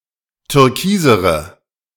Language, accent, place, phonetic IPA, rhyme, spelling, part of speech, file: German, Germany, Berlin, [tʏʁˈkiːzəʁə], -iːzəʁə, türkisere, adjective, De-türkisere.ogg
- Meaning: inflection of türkis: 1. strong/mixed nominative/accusative feminine singular comparative degree 2. strong nominative/accusative plural comparative degree